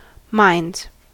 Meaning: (noun) plural of mind; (verb) third-person singular simple present indicative of mind
- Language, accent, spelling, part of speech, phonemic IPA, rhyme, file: English, US, minds, noun / verb, /maɪndz/, -aɪndz, En-us-minds.ogg